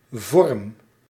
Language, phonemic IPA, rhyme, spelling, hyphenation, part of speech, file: Dutch, /vɔrm/, -ɔrm, vorm, vorm, noun / verb, Nl-vorm.ogg
- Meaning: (noun) 1. a form, shape 2. a format; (verb) inflection of vormen: 1. first-person singular present indicative 2. second-person singular present indicative 3. imperative